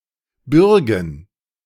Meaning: 1. genitive singular of Bürge 2. plural of Bürge
- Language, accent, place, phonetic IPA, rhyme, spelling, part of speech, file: German, Germany, Berlin, [ˈbʏʁɡn̩], -ʏʁɡn̩, Bürgen, noun, De-Bürgen.ogg